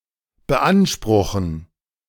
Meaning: 1. to claim (to demand ownership of something) 2. to require 3. to demand
- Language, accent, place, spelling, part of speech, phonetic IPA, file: German, Germany, Berlin, beanspruchen, verb, [bəˈʔanʃprʊxn̩], De-beanspruchen.ogg